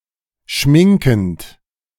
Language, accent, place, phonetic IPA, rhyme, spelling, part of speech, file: German, Germany, Berlin, [ˈʃmɪŋkn̩t], -ɪŋkn̩t, schminkend, verb, De-schminkend.ogg
- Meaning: present participle of schminken